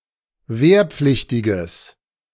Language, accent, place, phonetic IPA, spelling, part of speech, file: German, Germany, Berlin, [ˈveːɐ̯ˌp͡flɪçtɪɡəs], wehrpflichtiges, adjective, De-wehrpflichtiges.ogg
- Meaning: strong/mixed nominative/accusative neuter singular of wehrpflichtig